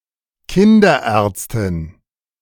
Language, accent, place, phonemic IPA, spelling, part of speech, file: German, Germany, Berlin, /ˈkɪndɐˌɛʁtstɪn/, Kinderärztin, noun, De-Kinderärztin.ogg
- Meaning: pediatrician (female)